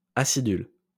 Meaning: inflection of aciduler: 1. first/third-person singular present indicative/subjunctive 2. second-person singular imperative
- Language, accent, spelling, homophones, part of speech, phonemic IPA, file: French, France, acidule, acidulent / acidules, verb, /a.si.dyl/, LL-Q150 (fra)-acidule.wav